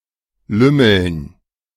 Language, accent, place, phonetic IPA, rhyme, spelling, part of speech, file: German, Germany, Berlin, [ˈlʏml̩n], -ʏml̩n, Lümmeln, noun, De-Lümmeln.ogg
- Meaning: dative plural of Lümmel